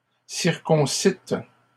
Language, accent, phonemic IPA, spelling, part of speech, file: French, Canada, /siʁ.kɔ̃.sit/, circoncîtes, verb, LL-Q150 (fra)-circoncîtes.wav
- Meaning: plural past historic of circoncire